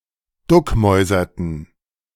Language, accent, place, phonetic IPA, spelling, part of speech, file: German, Germany, Berlin, [ˈdʊkˌmɔɪ̯zɐtn̩], duckmäuserten, verb, De-duckmäuserten.ogg
- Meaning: inflection of duckmäusern: 1. first/third-person plural preterite 2. first/third-person plural subjunctive II